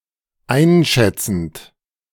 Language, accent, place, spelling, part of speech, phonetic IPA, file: German, Germany, Berlin, einschätzend, verb, [ˈaɪ̯nˌʃɛt͡sn̩t], De-einschätzend.ogg
- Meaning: present participle of einschätzen